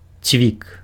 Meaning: 1. nail (a metal or wooden rod with a point at the end, designed to fasten something) 2. peg (a protrusion used to hang things on) 3. highlight (the main, significant thing in something)
- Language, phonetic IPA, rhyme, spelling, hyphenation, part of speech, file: Belarusian, [t͡sʲvʲik], -ik, цвік, цвік, noun, Be-цвік.ogg